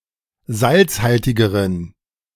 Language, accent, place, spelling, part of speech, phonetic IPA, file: German, Germany, Berlin, salzhaltigeren, adjective, [ˈzalt͡sˌhaltɪɡəʁən], De-salzhaltigeren.ogg
- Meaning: inflection of salzhaltig: 1. strong genitive masculine/neuter singular comparative degree 2. weak/mixed genitive/dative all-gender singular comparative degree